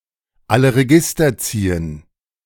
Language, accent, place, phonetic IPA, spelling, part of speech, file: German, Germany, Berlin, [ˈalə ʁeˈɡɪstɐ ˈt͡siːən], alle Register ziehen, verb, De-alle Register ziehen.ogg
- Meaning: to pull out all the stops